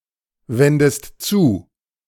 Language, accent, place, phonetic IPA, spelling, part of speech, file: German, Germany, Berlin, [ˌvɛndəst ˈt͡suː], wendest zu, verb, De-wendest zu.ogg
- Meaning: inflection of zuwenden: 1. second-person singular present 2. second-person singular subjunctive I